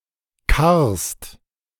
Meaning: second-person singular present of karren
- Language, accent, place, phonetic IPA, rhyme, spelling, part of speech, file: German, Germany, Berlin, [kaʁst], -aʁst, karrst, verb, De-karrst.ogg